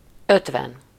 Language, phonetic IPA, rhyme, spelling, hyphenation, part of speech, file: Hungarian, [ˈøtvɛn], -ɛn, ötven, öt‧ven, numeral, Hu-ötven.ogg
- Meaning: fifty